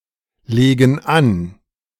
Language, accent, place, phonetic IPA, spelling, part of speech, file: German, Germany, Berlin, [ˌleːɡn̩ ˈan], legen an, verb, De-legen an.ogg
- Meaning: inflection of anlegen: 1. first/third-person plural present 2. first/third-person plural subjunctive I